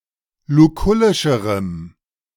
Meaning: strong dative masculine/neuter singular comparative degree of lukullisch
- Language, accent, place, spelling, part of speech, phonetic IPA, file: German, Germany, Berlin, lukullischerem, adjective, [luˈkʊlɪʃəʁəm], De-lukullischerem.ogg